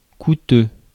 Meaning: expensive, costly, pricey (having a high price, cost)
- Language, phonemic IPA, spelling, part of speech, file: French, /ku.tø/, coûteux, adjective, Fr-coûteux.ogg